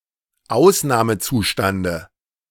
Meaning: dative singular of Ausnahmezustand
- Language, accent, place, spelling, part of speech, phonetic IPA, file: German, Germany, Berlin, Ausnahmezustande, noun, [ˈaʊ̯snaːməˌt͡suːʃtandə], De-Ausnahmezustande.ogg